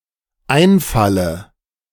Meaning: inflection of einfallen: 1. first-person singular dependent present 2. first/third-person singular dependent subjunctive I
- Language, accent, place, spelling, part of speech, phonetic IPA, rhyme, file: German, Germany, Berlin, einfalle, verb, [ˈaɪ̯nˌfalə], -aɪ̯nfalə, De-einfalle.ogg